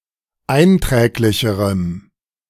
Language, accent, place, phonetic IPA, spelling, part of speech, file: German, Germany, Berlin, [ˈaɪ̯nˌtʁɛːklɪçəʁəm], einträglicherem, adjective, De-einträglicherem.ogg
- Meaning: strong dative masculine/neuter singular comparative degree of einträglich